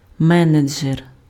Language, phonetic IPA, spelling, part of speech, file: Ukrainian, [ˈmɛned͡ʒer], менеджер, noun, Uk-менеджер.ogg
- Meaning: manager